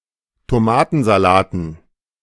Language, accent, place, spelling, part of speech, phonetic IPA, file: German, Germany, Berlin, Tomatensalaten, noun, [toˈmaːtn̩zaˌlaːtn̩], De-Tomatensalaten.ogg
- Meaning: dative plural of Tomatensalat